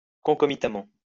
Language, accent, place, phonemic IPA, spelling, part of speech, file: French, France, Lyon, /kɔ̃.kɔ.mi.ta.mɑ̃/, concomitamment, adverb, LL-Q150 (fra)-concomitamment.wav
- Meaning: concomitantly